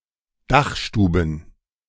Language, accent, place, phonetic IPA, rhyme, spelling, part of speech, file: German, Germany, Berlin, [ˈdaxˌʃtuːbn̩], -axʃtuːbn̩, Dachstuben, noun, De-Dachstuben.ogg
- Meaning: plural of Dachstube